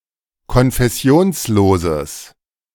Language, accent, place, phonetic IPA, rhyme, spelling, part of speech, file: German, Germany, Berlin, [kɔnfɛˈsi̯oːnsˌloːzəs], -oːnsloːzəs, konfessionsloses, adjective, De-konfessionsloses.ogg
- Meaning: strong/mixed nominative/accusative neuter singular of konfessionslos